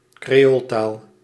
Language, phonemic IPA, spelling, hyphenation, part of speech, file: Dutch, /kreːˈoːlˌtaːl/, creooltaal, cre‧ool‧taal, noun, Nl-creooltaal.ogg
- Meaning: creole language